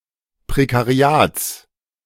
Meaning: genitive singular of Prekariat
- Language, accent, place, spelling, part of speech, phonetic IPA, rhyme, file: German, Germany, Berlin, Prekariats, noun, [pʁekaˈʁi̯aːt͡s], -aːt͡s, De-Prekariats.ogg